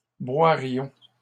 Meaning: first-person plural conditional of boire
- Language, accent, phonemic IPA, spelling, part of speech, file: French, Canada, /bwa.ʁjɔ̃/, boirions, verb, LL-Q150 (fra)-boirions.wav